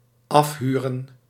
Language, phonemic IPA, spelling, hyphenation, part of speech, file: Dutch, /ˈɑfˌɦyː.rə(n)/, afhuren, af‧hu‧ren, verb, Nl-afhuren.ogg
- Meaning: 1. to rent (a property) 2. to rent out, to charter